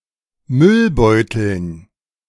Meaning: genitive singular of Müllbeutel
- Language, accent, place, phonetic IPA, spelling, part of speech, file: German, Germany, Berlin, [ˈmʏlˌbɔɪ̯tl̩s], Müllbeutels, noun, De-Müllbeutels.ogg